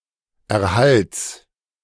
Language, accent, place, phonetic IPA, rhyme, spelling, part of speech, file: German, Germany, Berlin, [ɛɐ̯ˈhalt͡s], -alt͡s, Erhalts, noun, De-Erhalts.ogg
- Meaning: genitive singular of Erhalt